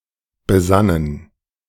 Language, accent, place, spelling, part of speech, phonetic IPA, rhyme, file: German, Germany, Berlin, besannen, verb, [bəˈzanən], -anən, De-besannen.ogg
- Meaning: first/third-person plural preterite of besinnen